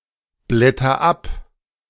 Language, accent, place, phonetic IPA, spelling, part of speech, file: German, Germany, Berlin, [ˌblɛtɐ ˈap], blätter ab, verb, De-blätter ab.ogg
- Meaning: inflection of abblättern: 1. first-person singular present 2. singular imperative